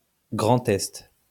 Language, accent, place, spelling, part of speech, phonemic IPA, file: French, France, Lyon, Grand Est, proper noun, /ɡʁɑ̃.t‿ɛst/, LL-Q150 (fra)-Grand Est.wav
- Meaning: Grand Est (an administrative region in northeastern France, created in 2016 by the fusion of Alsace, Lorraine and Champagne-Ardenne)